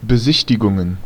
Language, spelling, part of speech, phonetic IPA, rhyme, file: German, Besichtigungen, noun, [bəˈzɪçtɪɡʊŋən], -ɪçtɪɡʊŋən, De-Besichtigungen.ogg
- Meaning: plural of Besichtigung